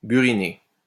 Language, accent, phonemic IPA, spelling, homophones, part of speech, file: French, France, /by.ʁi.ne/, buriné, burinai / burinée / burinées / buriner / burinés / burinez, verb / adjective, LL-Q150 (fra)-buriné.wav
- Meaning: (verb) past participle of buriner; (adjective) chiselled